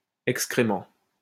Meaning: excrement (animal solid waste)
- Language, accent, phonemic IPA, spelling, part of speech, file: French, France, /ɛk.skʁe.mɑ̃/, excrément, noun, LL-Q150 (fra)-excrément.wav